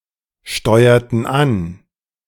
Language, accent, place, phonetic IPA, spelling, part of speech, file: German, Germany, Berlin, [ˌʃtɔɪ̯ɐtn̩ ˈan], steuerten an, verb, De-steuerten an.ogg
- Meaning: inflection of ansteuern: 1. first/third-person plural preterite 2. first/third-person plural subjunctive II